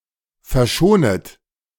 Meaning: second-person plural subjunctive I of verschonen
- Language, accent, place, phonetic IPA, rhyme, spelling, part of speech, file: German, Germany, Berlin, [fɛɐ̯ˈʃoːnət], -oːnət, verschonet, verb, De-verschonet.ogg